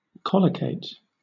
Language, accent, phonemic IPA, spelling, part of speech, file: English, Southern England, /ˈkɒləkeɪt/, collocate, verb, LL-Q1860 (eng)-collocate.wav
- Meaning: 1. (said of certain words) To be often used together, form a collocation; for example strong collocates with tea 2. To arrange or occur side by side